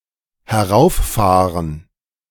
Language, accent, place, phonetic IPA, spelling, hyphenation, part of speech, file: German, Germany, Berlin, [hɛˈʁaʊ̯fˌfaːʁən], herauffahren, he‧r‧auf‧fah‧ren, verb, De-herauffahren.ogg
- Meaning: 1. to drive up (towards the speaker) 2. to start up, boot up